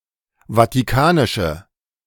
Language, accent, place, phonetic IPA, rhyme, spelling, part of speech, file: German, Germany, Berlin, [vatiˈkaːnɪʃə], -aːnɪʃə, vatikanische, adjective, De-vatikanische.ogg
- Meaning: inflection of vatikanisch: 1. strong/mixed nominative/accusative feminine singular 2. strong nominative/accusative plural 3. weak nominative all-gender singular